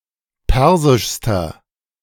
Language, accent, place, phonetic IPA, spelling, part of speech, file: German, Germany, Berlin, [ˈpɛʁzɪʃstɐ], persischster, adjective, De-persischster.ogg
- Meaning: inflection of persisch: 1. strong/mixed nominative masculine singular superlative degree 2. strong genitive/dative feminine singular superlative degree 3. strong genitive plural superlative degree